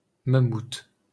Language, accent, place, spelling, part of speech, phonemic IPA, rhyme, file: French, France, Paris, mammouth, noun, /ma.mut/, -ut, LL-Q150 (fra)-mammouth.wav
- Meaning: 1. mammoth (extinct elephant-like mammal) 2. mammoth (something very large)